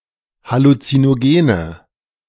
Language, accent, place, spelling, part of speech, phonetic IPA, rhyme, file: German, Germany, Berlin, halluzinogene, adjective, [halut͡sinoˈɡeːnə], -eːnə, De-halluzinogene.ogg
- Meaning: inflection of halluzinogen: 1. strong/mixed nominative/accusative feminine singular 2. strong nominative/accusative plural 3. weak nominative all-gender singular